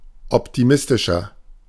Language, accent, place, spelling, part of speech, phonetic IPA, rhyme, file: German, Germany, Berlin, optimistischer, adjective, [ˌɔptiˈmɪstɪʃɐ], -ɪstɪʃɐ, De-optimistischer.ogg
- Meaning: 1. comparative degree of optimistisch 2. inflection of optimistisch: strong/mixed nominative masculine singular 3. inflection of optimistisch: strong genitive/dative feminine singular